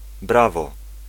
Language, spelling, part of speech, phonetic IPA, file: Polish, brawo, noun / interjection, [ˈbravɔ], Pl-brawo.ogg